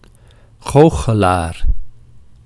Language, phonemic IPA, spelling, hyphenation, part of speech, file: Dutch, /ˈɣoː.xəˌlaːr/, goochelaar, goo‧che‧laar, noun, Nl-goochelaar.ogg
- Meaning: magician